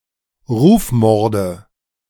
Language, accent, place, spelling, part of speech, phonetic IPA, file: German, Germany, Berlin, Rufmorde, noun, [ˈʁuːfˌmɔʁdə], De-Rufmorde.ogg
- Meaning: nominative/accusative/genitive plural of Rufmord